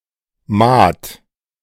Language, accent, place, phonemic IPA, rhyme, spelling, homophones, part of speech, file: German, Germany, Berlin, /ˈmaːt/, -aːt, Maat, Mahd, noun, De-Maat.ogg
- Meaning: 1. mate (naval non-commissioned officer) 2. a naval rank, “OR5” on the NATO rank scale